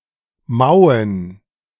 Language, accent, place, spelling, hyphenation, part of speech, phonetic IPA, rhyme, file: German, Germany, Berlin, mauen, mau‧en, verb / adjective, [ˈmaʊ̯ən], -aʊ̯ən, De-mauen.ogg
- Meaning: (verb) to meow; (adjective) inflection of mau: 1. strong genitive masculine/neuter singular 2. weak/mixed genitive/dative all-gender singular 3. strong/weak/mixed accusative masculine singular